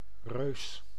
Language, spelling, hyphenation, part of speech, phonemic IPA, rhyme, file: Dutch, reus, reus, noun, /røːs/, -øːs, Nl-reus.ogg
- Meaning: giant